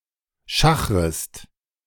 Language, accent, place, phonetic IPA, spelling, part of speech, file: German, Germany, Berlin, [ˈʃaxʁəst], schachrest, verb, De-schachrest.ogg
- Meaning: second-person singular subjunctive I of schachern